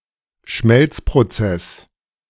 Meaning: melting process
- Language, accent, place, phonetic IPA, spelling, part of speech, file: German, Germany, Berlin, [ˈʃmɛlt͡spʁoˌt͡sɛs], Schmelzprozess, noun, De-Schmelzprozess.ogg